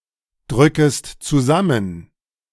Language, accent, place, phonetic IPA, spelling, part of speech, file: German, Germany, Berlin, [ˌdʁʏkəst t͡suˈzamən], drückest zusammen, verb, De-drückest zusammen.ogg
- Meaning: second-person singular subjunctive I of zusammendrücken